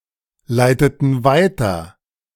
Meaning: inflection of weiterleiten: 1. first/third-person plural preterite 2. first/third-person plural subjunctive II
- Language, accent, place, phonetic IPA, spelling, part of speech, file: German, Germany, Berlin, [ˌlaɪ̯tətn̩ ˈvaɪ̯tɐ], leiteten weiter, verb, De-leiteten weiter.ogg